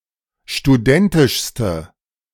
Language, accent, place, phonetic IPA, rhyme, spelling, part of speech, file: German, Germany, Berlin, [ʃtuˈdɛntɪʃstə], -ɛntɪʃstə, studentischste, adjective, De-studentischste.ogg
- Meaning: inflection of studentisch: 1. strong/mixed nominative/accusative feminine singular superlative degree 2. strong nominative/accusative plural superlative degree